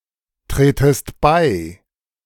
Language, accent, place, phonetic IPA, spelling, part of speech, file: German, Germany, Berlin, [ˌtʁeːtəst ˈbaɪ̯], tretest bei, verb, De-tretest bei.ogg
- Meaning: second-person singular subjunctive I of beitreten